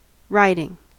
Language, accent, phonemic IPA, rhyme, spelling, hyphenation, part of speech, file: English, US, /ˈɹaɪ.dɪŋ/, -aɪdɪŋ, riding, rid‧ing, verb / noun, En-us-riding.ogg
- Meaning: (verb) present participle and gerund of ride; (noun) 1. A path cut through woodland 2. The act of one who rides; a mounted excursion 3. The behaviour in the motion of a vehicle, such as oscillation